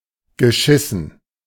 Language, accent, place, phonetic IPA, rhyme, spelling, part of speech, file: German, Germany, Berlin, [ɡəˈʃɪsn̩], -ɪsn̩, geschissen, verb, De-geschissen.ogg
- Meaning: past participle of scheißen